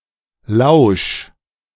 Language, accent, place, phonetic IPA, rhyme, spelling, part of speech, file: German, Germany, Berlin, [laʊ̯ʃ], -aʊ̯ʃ, lausch, verb, De-lausch.ogg
- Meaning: 1. singular imperative of lauschen 2. first-person singular present of lauschen